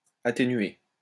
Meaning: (verb) past participle of atténuer; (adjective) 1. attenuated 2. mitigated
- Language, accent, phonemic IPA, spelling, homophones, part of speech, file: French, France, /a.te.nɥe/, atténué, atténuai / atténuée / atténuées / atténuer / atténués / atténuez, verb / adjective, LL-Q150 (fra)-atténué.wav